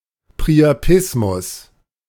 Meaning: priapism
- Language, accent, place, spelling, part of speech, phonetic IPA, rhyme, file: German, Germany, Berlin, Priapismus, noun, [pʁiaˈpɪsmʊs], -ɪsmʊs, De-Priapismus.ogg